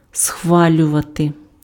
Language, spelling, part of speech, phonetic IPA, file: Ukrainian, схвалювати, verb, [ˈsxʋalʲʊʋɐte], Uk-схвалювати.ogg
- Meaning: to approve